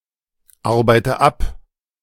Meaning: inflection of abarbeiten: 1. first-person singular present 2. first/third-person singular subjunctive I 3. singular imperative
- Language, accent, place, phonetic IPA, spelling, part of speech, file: German, Germany, Berlin, [ˌaʁbaɪ̯tə ˈap], arbeite ab, verb, De-arbeite ab.ogg